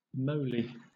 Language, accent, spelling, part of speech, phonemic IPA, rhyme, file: English, Southern England, moly, noun, /ˈməʊli/, -əʊli, LL-Q1860 (eng)-moly.wav
- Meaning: 1. A magic herb or plant used by Odysseus to overcome Circe 2. Any plant associated with the mythological moly, especially the European allium, Allium moly